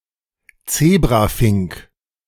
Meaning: zebra finch
- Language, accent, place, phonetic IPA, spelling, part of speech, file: German, Germany, Berlin, [ˈt͡seːbʁaˌfɪŋk], Zebrafink, noun, De-Zebrafink.ogg